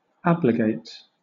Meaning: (verb) To send abroad; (noun) A representative of the pope charged with important commissions in foreign countries, one of his duties being to bring to a newly named cardinal his insignia of office
- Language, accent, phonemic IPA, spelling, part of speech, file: English, Southern England, /ˈæb.lə.ɡeɪt/, ablegate, verb / noun, LL-Q1860 (eng)-ablegate.wav